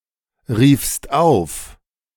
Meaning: second-person singular preterite of aufrufen
- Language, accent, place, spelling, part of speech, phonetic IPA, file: German, Germany, Berlin, riefst auf, verb, [ˌʁiːfst ˈaʊ̯f], De-riefst auf.ogg